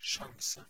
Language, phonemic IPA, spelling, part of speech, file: Norwegian Bokmål, /ʂaŋsə/, sjanse, noun, No-sjanse.ogg
- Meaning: a chance (an opportunity or possibility)